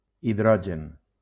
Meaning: hydrogen
- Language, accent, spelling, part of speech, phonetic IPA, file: Catalan, Valencia, hidrogen, noun, [iˈðɾɔ.d͡ʒen], LL-Q7026 (cat)-hidrogen.wav